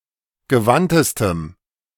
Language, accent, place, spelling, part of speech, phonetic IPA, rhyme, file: German, Germany, Berlin, gewandtestem, adjective, [ɡəˈvantəstəm], -antəstəm, De-gewandtestem.ogg
- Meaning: strong dative masculine/neuter singular superlative degree of gewandt